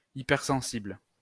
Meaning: hypersensitive
- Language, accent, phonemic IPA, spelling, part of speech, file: French, France, /i.pɛʁ.sɑ̃.sibl/, hypersensible, adjective, LL-Q150 (fra)-hypersensible.wav